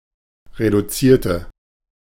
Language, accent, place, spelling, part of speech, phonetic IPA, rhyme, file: German, Germany, Berlin, reduzierte, adjective / verb, [ʁeduˈt͡siːɐ̯tə], -iːɐ̯tə, De-reduzierte.ogg
- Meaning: inflection of reduzieren: 1. first/third-person singular preterite 2. first/third-person singular subjunctive II